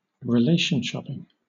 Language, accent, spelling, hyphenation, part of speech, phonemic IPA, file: English, Southern England, relationshopping, re‧lat‧ion‧shop‧ping, noun, /ɹɪˈleɪʃn̩ˌʃɒpɪŋ/, LL-Q1860 (eng)-relationshopping.wav
- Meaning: The practice of seeking romantic or sexual partners based on a shortlist of attributes, like a consumer shopping for a product